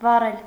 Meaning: 1. to set on fire, to burn 2. to light, to turn on a light-giving implement 3. to turn on a heat-giving implement 4. to heat 5. to give away a secret (compare Russian спалить (spalitʹ))
- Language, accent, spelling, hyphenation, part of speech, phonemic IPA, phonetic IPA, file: Armenian, Eastern Armenian, վառել, վա‧ռել, verb, /vɑˈrel/, [vɑrél], Hy-վառել.ogg